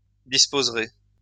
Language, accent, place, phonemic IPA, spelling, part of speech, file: French, France, Lyon, /dis.poz.ʁe/, disposerez, verb, LL-Q150 (fra)-disposerez.wav
- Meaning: second-person plural future of disposer